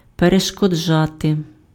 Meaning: to prevent, to hinder, to obstruct, to impede, to hamper [with dative] (be an obstacle to)
- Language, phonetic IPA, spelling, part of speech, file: Ukrainian, [pereʃkɔˈd͡ʒate], перешкоджати, verb, Uk-перешкоджати.ogg